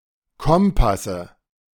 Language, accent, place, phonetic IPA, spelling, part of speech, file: German, Germany, Berlin, [ˈkɔmpasə], Kompasse, noun, De-Kompasse.ogg
- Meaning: nominative/accusative/genitive plural of Kompass